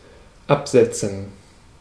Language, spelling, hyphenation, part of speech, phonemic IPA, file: German, absetzen, ab‧set‧zen, verb, /ˈapzɛtsən/, De-absetzen.ogg
- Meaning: 1. to set down 2. to drop off 3. to depose, dethrone 4. to deduct 5. to discontinue, to get off 6. to sell (in large number) 7. to make (something) stand out 8. to break away